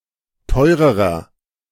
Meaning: inflection of teuer: 1. strong/mixed nominative masculine singular comparative degree 2. strong genitive/dative feminine singular comparative degree 3. strong genitive plural comparative degree
- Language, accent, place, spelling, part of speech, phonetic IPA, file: German, Germany, Berlin, teurerer, adjective, [ˈtɔɪ̯ʁəʁɐ], De-teurerer.ogg